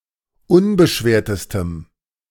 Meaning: strong dative masculine/neuter singular superlative degree of unbeschwert
- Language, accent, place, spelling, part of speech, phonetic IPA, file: German, Germany, Berlin, unbeschwertestem, adjective, [ˈʊnbəˌʃveːɐ̯təstəm], De-unbeschwertestem.ogg